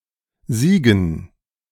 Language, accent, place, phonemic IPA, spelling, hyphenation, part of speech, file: German, Germany, Berlin, /ˈziːɡən/, Siegen, Sie‧gen, proper noun / noun, De-Siegen.ogg
- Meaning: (proper noun) 1. a city, the administrative seat of Siegen-Wittgenstein district, North Rhine-Westphalia 2. a commune in Bas-Rhin department, Grand Est, France; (noun) dative plural of Sieg